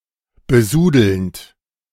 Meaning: present participle of besudeln
- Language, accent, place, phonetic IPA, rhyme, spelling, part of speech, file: German, Germany, Berlin, [bəˈzuːdl̩nt], -uːdl̩nt, besudelnd, verb, De-besudelnd.ogg